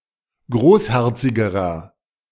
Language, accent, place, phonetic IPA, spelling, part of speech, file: German, Germany, Berlin, [ˈɡʁoːsˌhɛʁt͡sɪɡəʁɐ], großherzigerer, adjective, De-großherzigerer.ogg
- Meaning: inflection of großherzig: 1. strong/mixed nominative masculine singular comparative degree 2. strong genitive/dative feminine singular comparative degree 3. strong genitive plural comparative degree